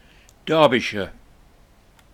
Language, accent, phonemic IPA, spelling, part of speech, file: English, UK, /ˈdɑː(ɹ).bɪ.ʃə(ɹ)/, Derbyshire, proper noun, En-derbyshire.ogg
- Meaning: 1. A midland county of England bounded by South Yorkshire, West Yorkshire, Greater Manchester, Leicestershire, Nottinghamshire, Staffordshire and Cheshire 2. A surname